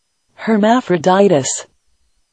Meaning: 1. The son of Hermes and Aphrodite who merged bodies with a naiad 2. A male Aphrodite (Aphroditus), represented as a herm with a phallus, the symbol of fertility
- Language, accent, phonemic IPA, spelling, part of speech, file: English, US, /hɚˌmæf.ɹəˈdaɪ.təs/, Hermaphroditus, proper noun, En-us-Hermaphroditus.ogg